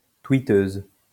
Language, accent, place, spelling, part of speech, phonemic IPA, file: French, France, Lyon, twitteuse, noun, /twi.tøz/, LL-Q150 (fra)-twitteuse.wav
- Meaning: female equivalent of twitteur